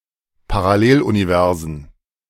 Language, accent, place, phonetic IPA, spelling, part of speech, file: German, Germany, Berlin, [paʁaˈleːlʔuniˌvɛʁzn̩], Paralleluniversen, noun, De-Paralleluniversen.ogg
- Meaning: plural of Paralleluniversum